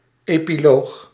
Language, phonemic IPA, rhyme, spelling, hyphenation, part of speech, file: Dutch, /ˌeː.piˈloːx/, -oːx, epiloog, epi‧loog, noun, Nl-epiloog.ogg
- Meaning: epilogue